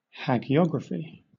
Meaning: 1. The study of saints and the documentation of their lives 2. A biography of a saint 3. A biography which expresses reverence and respect for its subject
- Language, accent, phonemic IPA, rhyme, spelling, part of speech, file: English, Southern England, /ˌhæɡiˈɒɡɹəfi/, -ɒɡɹəfi, hagiography, noun, LL-Q1860 (eng)-hagiography.wav